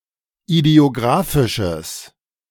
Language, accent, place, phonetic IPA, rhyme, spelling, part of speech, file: German, Germany, Berlin, [idi̯oˈɡʁaːfɪʃəs], -aːfɪʃəs, idiographisches, adjective, De-idiographisches.ogg
- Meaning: strong/mixed nominative/accusative neuter singular of idiographisch